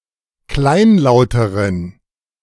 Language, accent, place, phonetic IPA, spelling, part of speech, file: German, Germany, Berlin, [ˈklaɪ̯nˌlaʊ̯təʁən], kleinlauteren, adjective, De-kleinlauteren.ogg
- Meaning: inflection of kleinlaut: 1. strong genitive masculine/neuter singular comparative degree 2. weak/mixed genitive/dative all-gender singular comparative degree